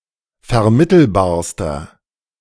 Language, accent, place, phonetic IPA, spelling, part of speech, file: German, Germany, Berlin, [fɛɐ̯ˈmɪtl̩baːɐ̯stɐ], vermittelbarster, adjective, De-vermittelbarster.ogg
- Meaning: inflection of vermittelbar: 1. strong/mixed nominative masculine singular superlative degree 2. strong genitive/dative feminine singular superlative degree 3. strong genitive plural superlative degree